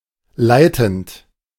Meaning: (verb) present participle of leiten; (adjective) 1. leading, senior, executive 2. conducting, conductive
- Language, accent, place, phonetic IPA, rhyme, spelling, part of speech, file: German, Germany, Berlin, [ˈlaɪ̯tn̩t], -aɪ̯tn̩t, leitend, verb, De-leitend.ogg